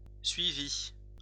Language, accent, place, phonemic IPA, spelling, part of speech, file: French, France, Lyon, /sɥi.vi/, suivi, noun / verb, LL-Q150 (fra)-suivi.wav
- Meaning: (noun) 1. following 2. follow-up 3. monitoring, ongoing care or treatment (medical) 4. tracking (package; number) 5. keeping track, keeping a record; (verb) past participle of suivre